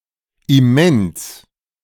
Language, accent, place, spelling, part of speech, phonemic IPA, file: German, Germany, Berlin, immens, adjective, /ɪˈmɛns/, De-immens.ogg
- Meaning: immense, enormous, huge